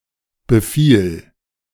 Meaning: first/third-person singular preterite of befallen
- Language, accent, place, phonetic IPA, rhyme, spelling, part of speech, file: German, Germany, Berlin, [bəˈfiːl], -iːl, befiel, verb, De-befiel.ogg